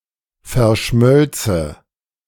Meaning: first/third-person singular subjunctive II of verschmelzen
- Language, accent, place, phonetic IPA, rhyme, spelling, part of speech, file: German, Germany, Berlin, [fɛɐ̯ˈʃmœlt͡sə], -œlt͡sə, verschmölze, verb, De-verschmölze.ogg